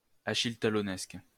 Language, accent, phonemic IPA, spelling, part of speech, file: French, France, /a.ʃil.ta.lɔ.nɛsk/, achilletalonnesque, adjective, LL-Q150 (fra)-achilletalonnesque.wav
- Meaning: of Achille Talon